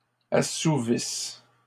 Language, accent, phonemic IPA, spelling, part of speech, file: French, Canada, /a.su.vis/, assouvisses, verb, LL-Q150 (fra)-assouvisses.wav
- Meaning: second-person singular present/imperfect subjunctive of assouvir